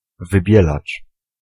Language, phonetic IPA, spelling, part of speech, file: Polish, [vɨˈbʲjɛlat͡ʃ], wybielacz, noun, Pl-wybielacz.ogg